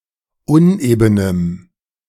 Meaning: strong dative masculine/neuter singular of uneben
- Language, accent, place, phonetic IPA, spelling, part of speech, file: German, Germany, Berlin, [ˈʊnʔeːbənəm], unebenem, adjective, De-unebenem.ogg